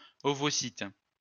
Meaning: oocyte
- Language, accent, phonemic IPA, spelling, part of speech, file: French, France, /ɔ.vɔ.sit/, ovocyte, noun, LL-Q150 (fra)-ovocyte.wav